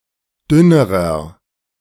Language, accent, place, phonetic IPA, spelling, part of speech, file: German, Germany, Berlin, [ˈdʏnəʁɐ], dünnerer, adjective, De-dünnerer.ogg
- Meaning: inflection of dünn: 1. strong/mixed nominative masculine singular comparative degree 2. strong genitive/dative feminine singular comparative degree 3. strong genitive plural comparative degree